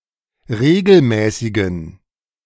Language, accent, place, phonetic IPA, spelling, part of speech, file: German, Germany, Berlin, [ˈʁeːɡl̩ˌmɛːsɪɡn̩], regelmäßigen, adjective, De-regelmäßigen.ogg
- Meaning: inflection of regelmäßig: 1. strong genitive masculine/neuter singular 2. weak/mixed genitive/dative all-gender singular 3. strong/weak/mixed accusative masculine singular 4. strong dative plural